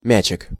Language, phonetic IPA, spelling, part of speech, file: Russian, [ˈmʲæt͡ɕɪk], мячик, noun, Ru-мячик.ogg
- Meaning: diminutive of мяч (mjač): (small soft) ball